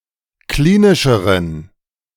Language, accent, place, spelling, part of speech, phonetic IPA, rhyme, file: German, Germany, Berlin, klinischeren, adjective, [ˈkliːnɪʃəʁən], -iːnɪʃəʁən, De-klinischeren.ogg
- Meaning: inflection of klinisch: 1. strong genitive masculine/neuter singular comparative degree 2. weak/mixed genitive/dative all-gender singular comparative degree